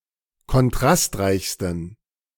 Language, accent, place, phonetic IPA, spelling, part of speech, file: German, Germany, Berlin, [kɔnˈtʁastˌʁaɪ̯çstn̩], kontrastreichsten, adjective, De-kontrastreichsten.ogg
- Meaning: 1. superlative degree of kontrastreich 2. inflection of kontrastreich: strong genitive masculine/neuter singular superlative degree